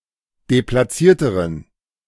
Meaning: inflection of deplatziert: 1. strong genitive masculine/neuter singular comparative degree 2. weak/mixed genitive/dative all-gender singular comparative degree
- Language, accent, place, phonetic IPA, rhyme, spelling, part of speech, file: German, Germany, Berlin, [deplaˈt͡siːɐ̯təʁən], -iːɐ̯təʁən, deplatzierteren, adjective, De-deplatzierteren.ogg